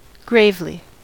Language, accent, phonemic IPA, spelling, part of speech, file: English, US, /ˈɡɹeɪvli/, gravely, adverb, En-us-gravely.ogg
- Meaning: In a grave or serious manner